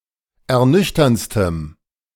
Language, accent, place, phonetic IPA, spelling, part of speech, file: German, Germany, Berlin, [ɛɐ̯ˈnʏçtɐnt͡stəm], ernüchterndstem, adjective, De-ernüchterndstem.ogg
- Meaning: strong dative masculine/neuter singular superlative degree of ernüchternd